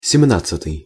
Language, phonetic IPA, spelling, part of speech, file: Russian, [sʲɪˈmnat͡s(ː)ɨtɨj], семнадцатый, adjective, Ru-семнадцатый.ogg
- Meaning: seventeenth